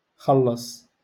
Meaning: to pay
- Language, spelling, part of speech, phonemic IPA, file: Moroccan Arabic, خلص, verb, /xal.lasˤ/, LL-Q56426 (ary)-خلص.wav